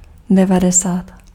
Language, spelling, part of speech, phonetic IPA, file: Czech, devadesát, numeral, [ˈdɛvadɛsaːt], Cs-devadesát.ogg
- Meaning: ninety (90)